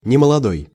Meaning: elderly, not young
- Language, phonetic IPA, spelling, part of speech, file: Russian, [nʲɪməɫɐˈdoj], немолодой, adjective, Ru-немолодой.ogg